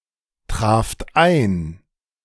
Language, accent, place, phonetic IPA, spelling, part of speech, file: German, Germany, Berlin, [ˌtʁaːft ˈaɪ̯n], traft ein, verb, De-traft ein.ogg
- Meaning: second-person plural preterite of eintreffen